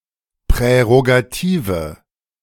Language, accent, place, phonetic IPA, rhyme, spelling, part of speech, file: German, Germany, Berlin, [pʁɛʁoɡaˈtiːvə], -iːvə, prärogative, adjective, De-prärogative.ogg
- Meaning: inflection of prärogativ: 1. strong/mixed nominative/accusative feminine singular 2. strong nominative/accusative plural 3. weak nominative all-gender singular